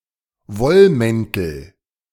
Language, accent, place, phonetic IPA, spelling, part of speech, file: German, Germany, Berlin, [ˈvɔlˌmɛntl̩], Wollmäntel, noun, De-Wollmäntel.ogg
- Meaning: nominative/accusative/genitive plural of Wollmantel